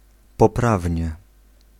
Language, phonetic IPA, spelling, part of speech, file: Polish, [pɔˈpravʲɲɛ], poprawnie, adverb, Pl-poprawnie.ogg